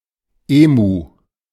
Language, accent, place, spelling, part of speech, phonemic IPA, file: German, Germany, Berlin, Emu, noun, /ˈeːmuː/, De-Emu.ogg
- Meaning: emu